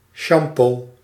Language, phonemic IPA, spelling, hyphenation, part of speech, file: Dutch, /ˈʃɑm.poː/, shampoo, sham‧poo, noun, Nl-shampoo.ogg
- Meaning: shampoo (product for washing hair)